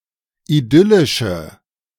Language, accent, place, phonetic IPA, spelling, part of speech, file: German, Germany, Berlin, [iˈdʏlɪʃə], idyllische, adjective, De-idyllische.ogg
- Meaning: inflection of idyllisch: 1. strong/mixed nominative/accusative feminine singular 2. strong nominative/accusative plural 3. weak nominative all-gender singular